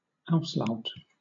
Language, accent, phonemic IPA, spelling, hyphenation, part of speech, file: English, Southern England, /ˈaʊslaʊt/, auslaut, aus‧laut, noun, LL-Q1860 (eng)-auslaut.wav
- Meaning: Synonym of coda (“the optional final sound of a syllable or word, occurring after its nucleus and usually composed of one or more consonants”)